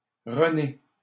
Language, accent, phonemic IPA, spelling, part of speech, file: French, Canada, /ʁə.ne/, Renée, proper noun, LL-Q150 (fra)-Renée.wav
- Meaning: a female given name, masculine equivalent René